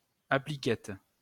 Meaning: applet (a small program module that runs under the control of a larger application)
- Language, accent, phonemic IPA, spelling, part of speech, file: French, France, /a.pli.kɛt/, appliquette, noun, LL-Q150 (fra)-appliquette.wav